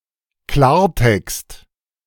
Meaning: 1. cleartext, plain text 2. straight talk
- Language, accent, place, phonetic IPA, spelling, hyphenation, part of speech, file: German, Germany, Berlin, [ˈklaːɐ̯ˌtɛkst], Klartext, Klar‧text, noun, De-Klartext.ogg